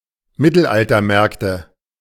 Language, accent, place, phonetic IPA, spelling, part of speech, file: German, Germany, Berlin, [ˈmɪtl̩ʔaltɐˌmɛʁktə], Mittelaltermärkte, noun, De-Mittelaltermärkte.ogg
- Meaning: nominative/accusative/genitive plural of Mittelaltermarkt